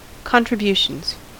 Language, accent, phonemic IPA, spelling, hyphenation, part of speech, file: English, US, /ˌkɑntɹɪˈbjuʃənz/, contributions, con‧tri‧bu‧tions, noun, En-us-contributions.ogg
- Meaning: plural of contribution